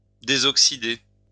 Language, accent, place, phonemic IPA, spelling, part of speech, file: French, France, Lyon, /de.zɔk.si.de/, désoxyder, verb, LL-Q150 (fra)-désoxyder.wav
- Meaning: 1. to deoxidize 2. to reduce